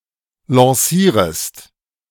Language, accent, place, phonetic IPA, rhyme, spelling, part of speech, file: German, Germany, Berlin, [lɑ̃ˈsiːʁəst], -iːʁəst, lancierest, verb, De-lancierest.ogg
- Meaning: second-person singular subjunctive I of lancieren